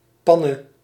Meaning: breakdown, technical failure, particularly of a vehicle
- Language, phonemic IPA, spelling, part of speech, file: Dutch, /ˈpɑnə/, panne, noun, Nl-panne.ogg